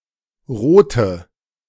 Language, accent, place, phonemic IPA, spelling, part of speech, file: German, Germany, Berlin, /ˈʁoːtə/, rote, adjective, De-rote.ogg
- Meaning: inflection of rot: 1. strong/mixed nominative/accusative feminine singular 2. strong nominative/accusative plural 3. weak nominative all-gender singular 4. weak accusative feminine/neuter singular